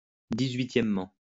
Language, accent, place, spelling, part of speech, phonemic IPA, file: French, France, Lyon, dix-huitièmement, adverb, /di.z‿ɥi.tjɛm.mɑ̃/, LL-Q150 (fra)-dix-huitièmement.wav
- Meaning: eighteenthly